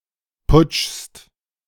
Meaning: second-person singular present of putschen
- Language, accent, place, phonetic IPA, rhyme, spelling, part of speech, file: German, Germany, Berlin, [pʊt͡ʃst], -ʊt͡ʃst, putschst, verb, De-putschst.ogg